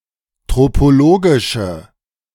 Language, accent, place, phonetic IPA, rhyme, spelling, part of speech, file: German, Germany, Berlin, [ˌtʁopoˈloːɡɪʃə], -oːɡɪʃə, tropologische, adjective, De-tropologische.ogg
- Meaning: inflection of tropologisch: 1. strong/mixed nominative/accusative feminine singular 2. strong nominative/accusative plural 3. weak nominative all-gender singular